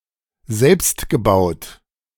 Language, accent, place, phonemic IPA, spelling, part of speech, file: German, Germany, Berlin, /ˈzɛlpstɡəˌbaʊ̯t/, selbstgebaut, adjective, De-selbstgebaut.ogg
- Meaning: homemade; self-built